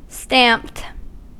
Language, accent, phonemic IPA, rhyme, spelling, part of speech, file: English, US, /stæmpt/, -æmpt, stamped, verb, En-us-stamped.ogg
- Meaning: simple past and past participle of stamp